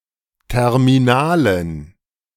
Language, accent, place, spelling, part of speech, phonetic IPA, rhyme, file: German, Germany, Berlin, terminalen, adjective, [ˌtɛʁmiˈnaːlən], -aːlən, De-terminalen.ogg
- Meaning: inflection of terminal: 1. strong genitive masculine/neuter singular 2. weak/mixed genitive/dative all-gender singular 3. strong/weak/mixed accusative masculine singular 4. strong dative plural